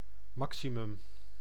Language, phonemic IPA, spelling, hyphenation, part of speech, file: Dutch, /ˈmɑk.siˌmʏm/, maximum, ma‧xi‧mum, noun, Nl-maximum.ogg
- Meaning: maximum